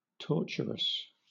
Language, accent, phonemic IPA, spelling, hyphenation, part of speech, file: English, Southern England, /ˈtɔːt͡ʃəɹəs/, torturous, tor‧tur‧ous, adjective, LL-Q1860 (eng)-torturous.wav
- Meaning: 1. Of or pertaining to torture 2. Painful, excruciating, torturing